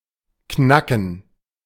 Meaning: 1. to make a cracking sound 2. to crack (open) 3. to crack (a mystery, secret, etc.); to persuade (to reveal something) 4. to pick (a lock) 5. to sleep
- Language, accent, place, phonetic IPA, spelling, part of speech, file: German, Germany, Berlin, [ˈknakn̩], knacken, verb, De-knacken.ogg